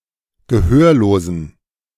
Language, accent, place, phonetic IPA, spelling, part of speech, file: German, Germany, Berlin, [ɡəˈhøːɐ̯loːzn̩], gehörlosen, adjective, De-gehörlosen.ogg
- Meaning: inflection of gehörlos: 1. strong genitive masculine/neuter singular 2. weak/mixed genitive/dative all-gender singular 3. strong/weak/mixed accusative masculine singular 4. strong dative plural